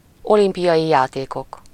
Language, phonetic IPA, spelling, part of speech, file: Hungarian, [ˈolimpijɒji ˌjaːteːkok], olimpiai játékok, noun, Hu-olimpiai játékok.ogg
- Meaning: Olympic Games